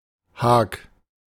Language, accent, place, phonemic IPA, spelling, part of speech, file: German, Germany, Berlin, /haːk/, Hag, noun, De-Hag.ogg
- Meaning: 1. hedge; haw; enclosure 2. grove; woods; small forest